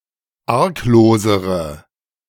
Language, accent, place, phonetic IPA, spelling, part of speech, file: German, Germany, Berlin, [ˈaʁkˌloːzəʁə], arglosere, adjective, De-arglosere.ogg
- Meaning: inflection of arglos: 1. strong/mixed nominative/accusative feminine singular comparative degree 2. strong nominative/accusative plural comparative degree